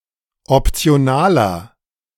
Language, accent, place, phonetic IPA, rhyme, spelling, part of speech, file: German, Germany, Berlin, [ɔpt͡si̯oˈnaːlɐ], -aːlɐ, optionaler, adjective, De-optionaler.ogg
- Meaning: inflection of optional: 1. strong/mixed nominative masculine singular 2. strong genitive/dative feminine singular 3. strong genitive plural